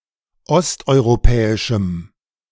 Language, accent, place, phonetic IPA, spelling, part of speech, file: German, Germany, Berlin, [ˈɔstʔɔɪ̯ʁoˌpɛːɪʃm̩], osteuropäischem, adjective, De-osteuropäischem.ogg
- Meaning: strong dative masculine/neuter singular of osteuropäisch